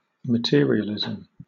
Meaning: 1. Constant concern over material possessions and wealth; a great or excessive regard for worldly concerns 2. The philosophical belief that nothing exists beyond what is physical
- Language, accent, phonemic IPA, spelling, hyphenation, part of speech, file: English, Southern England, /məˈtɪəɹiəlɪzəm/, materialism, ma‧te‧ri‧al‧ism, noun, LL-Q1860 (eng)-materialism.wav